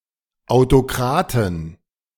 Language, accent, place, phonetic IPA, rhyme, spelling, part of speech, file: German, Germany, Berlin, [aʊ̯toˈkʁaːtn̩], -aːtn̩, Autokraten, noun, De-Autokraten.ogg
- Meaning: 1. genitive singular of Autokrat 2. plural of Autokrat